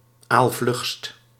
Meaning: superlative degree of aalvlug
- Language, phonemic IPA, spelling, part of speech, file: Dutch, /alsˈvlʏxst/, aalvlugst, adjective, Nl-aalvlugst.ogg